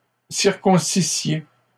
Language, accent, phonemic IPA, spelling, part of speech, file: French, Canada, /siʁ.kɔ̃.si.sje/, circoncissiez, verb, LL-Q150 (fra)-circoncissiez.wav
- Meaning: second-person plural imperfect subjunctive of circoncire